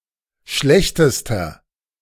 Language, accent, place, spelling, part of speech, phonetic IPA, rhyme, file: German, Germany, Berlin, schlechtester, adjective, [ˈʃlɛçtəstɐ], -ɛçtəstɐ, De-schlechtester.ogg
- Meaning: inflection of schlecht: 1. strong/mixed nominative masculine singular superlative degree 2. strong genitive/dative feminine singular superlative degree 3. strong genitive plural superlative degree